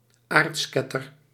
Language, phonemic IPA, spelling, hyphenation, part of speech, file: Dutch, /ˈartskɛtər/, aartsketter, aarts‧ket‧ter, noun, Nl-aartsketter.ogg
- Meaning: heresiarch (founder of a heresy)